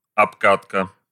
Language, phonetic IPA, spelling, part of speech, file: Russian, [ɐpˈkatkə], обкатка, noun, Ru-обкатка.ogg
- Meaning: 1. testing out, breaking in 2. repeating until perfection 3. trial run